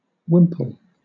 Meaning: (noun) 1. A cloth which usually covers the head and is worn around the neck and chin. It was worn by women in medieval Europe and is still worn by nuns in certain orders 2. A fold or pleat in cloth
- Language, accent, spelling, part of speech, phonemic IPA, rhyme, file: English, Southern England, wimple, noun / verb, /ˈwɪmpəl/, -ɪmpəl, LL-Q1860 (eng)-wimple.wav